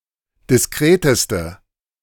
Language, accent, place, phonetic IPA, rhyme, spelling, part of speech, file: German, Germany, Berlin, [dɪsˈkʁeːtəstə], -eːtəstə, diskreteste, adjective, De-diskreteste.ogg
- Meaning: inflection of diskret: 1. strong/mixed nominative/accusative feminine singular superlative degree 2. strong nominative/accusative plural superlative degree